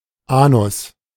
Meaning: anus
- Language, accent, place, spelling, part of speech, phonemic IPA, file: German, Germany, Berlin, Anus, noun, /ˈʔaːnʊs/, De-Anus.ogg